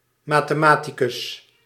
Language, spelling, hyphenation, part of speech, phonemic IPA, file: Dutch, mathematicus, ma‧the‧ma‧ti‧cus, noun, /maː.teːˈmaː.ti.kʏs/, Nl-mathematicus.ogg
- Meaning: a mathematician, person studying or versed in mathematics